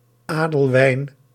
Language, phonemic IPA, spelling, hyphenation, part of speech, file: Dutch, /ˈaː.dəlˌʋɛi̯n/, Adelwijn, Adel‧wijn, proper noun, Nl-Adelwijn.ogg
- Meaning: 1. a male given name, equivalent to English Alwin 2. a female given name